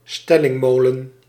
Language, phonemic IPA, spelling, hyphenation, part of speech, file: Dutch, /ˈstɛ.lɪŋˌmoː.lə(n)/, stellingmolen, stel‧ling‧mo‧len, noun, Nl-stellingmolen.ogg
- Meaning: a tall smock mill with at least one gallery